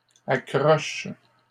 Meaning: third-person plural present indicative/subjunctive of accrocher
- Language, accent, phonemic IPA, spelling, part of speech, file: French, Canada, /a.kʁɔʃ/, accrochent, verb, LL-Q150 (fra)-accrochent.wav